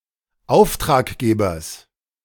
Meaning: genitive singular of Auftraggeber
- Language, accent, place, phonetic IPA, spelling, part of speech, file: German, Germany, Berlin, [ˈaʊ̯ftʁaːkˌɡeːbɐs], Auftraggebers, noun, De-Auftraggebers.ogg